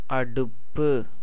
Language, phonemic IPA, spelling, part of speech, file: Tamil, /ɐɖʊpːɯ/, அடுப்பு, noun, Ta-அடுப்பு.ogg
- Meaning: 1. burner, stove, oven 2. fire in the oven 3. adhering, joining 4. the 2nd Nakshatra 5. wife